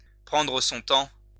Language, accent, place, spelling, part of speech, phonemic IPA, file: French, France, Lyon, prendre son temps, verb, /pʁɑ̃.dʁə sɔ̃ tɑ̃/, LL-Q150 (fra)-prendre son temps.wav
- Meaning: to take one's time